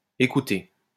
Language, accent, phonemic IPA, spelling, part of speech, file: French, France, /e.ku.te/, écoutez, verb, LL-Q150 (fra)-écoutez.wav
- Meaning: 1. second-person plural present indicative of écouter 2. second-person plural imperative of écouter; "hark!"